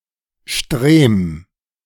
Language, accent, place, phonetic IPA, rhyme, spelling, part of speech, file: German, Germany, Berlin, [ʃtʁeːm], -eːm, Strem, proper noun, De-Strem.ogg
- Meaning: a municipality of Burgenland, Austria